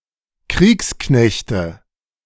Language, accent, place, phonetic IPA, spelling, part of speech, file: German, Germany, Berlin, [ˈkʁiːksˌknɛçtə], Kriegsknechte, noun, De-Kriegsknechte.ogg
- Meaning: nominative/accusative/genitive plural of Kriegsknecht